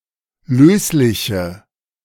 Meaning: inflection of löslich: 1. strong/mixed nominative/accusative feminine singular 2. strong nominative/accusative plural 3. weak nominative all-gender singular 4. weak accusative feminine/neuter singular
- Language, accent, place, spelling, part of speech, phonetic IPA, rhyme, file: German, Germany, Berlin, lösliche, adjective, [ˈløːslɪçə], -øːslɪçə, De-lösliche.ogg